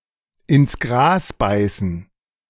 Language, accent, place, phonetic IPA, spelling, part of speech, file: German, Germany, Berlin, [ɪns ˈɡʁaːs ˌbaɪ̯sn̩], ins Gras beißen, phrase, De-ins Gras beißen.ogg
- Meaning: to bite the dust, to die